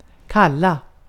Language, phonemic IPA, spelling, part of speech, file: Swedish, /²kalːa/, kalla, verb / adjective, Sv-kalla.ogg
- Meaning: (verb) 1. to call, denote, refer to; to give as a name 2. to call, request, beckon, summon; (adjective) inflection of kall: 1. definite singular 2. plural